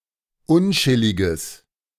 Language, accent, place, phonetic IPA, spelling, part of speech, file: German, Germany, Berlin, [ˈʊnˌt͡ʃɪlɪɡəs], unchilliges, adjective, De-unchilliges.ogg
- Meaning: strong/mixed nominative/accusative neuter singular of unchillig